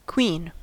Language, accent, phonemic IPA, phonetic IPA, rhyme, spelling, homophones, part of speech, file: English, US, /kwiːn/, [kʰw̥iːn], -iːn, queen, quean, noun / verb, En-us-queen.ogg
- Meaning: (noun) 1. The wife, consort, or widow of a king 2. A female monarch